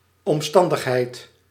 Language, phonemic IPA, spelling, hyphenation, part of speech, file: Dutch, /ɔmˈstɑn.dəxˌɦɛi̯t/, omstandigheid, om‧stan‧dig‧heid, noun, Nl-omstandigheid.ogg
- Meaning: circumstance, condition